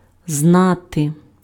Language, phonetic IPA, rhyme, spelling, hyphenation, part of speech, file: Ukrainian, [ˈznate], -ate, знати, зна‧ти, verb, Uk-знати.ogg
- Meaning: to know